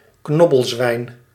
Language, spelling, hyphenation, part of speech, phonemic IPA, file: Dutch, knobbelzwijn, knob‧bel‧zwijn, noun, /ˈknɔ.bəlˌzʋɛi̯n/, Nl-knobbelzwijn.ogg
- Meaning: warthog, pig of the genus Phacochoerus